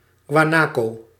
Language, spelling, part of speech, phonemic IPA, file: Dutch, guanaco, noun, /ɡwaˈnako/, Nl-guanaco.ogg
- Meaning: guanaco (a South American ruminant (Lama guanicoe), closely related to the other lamoids, the alpaca, llama, and vicuña in the family Camelidae)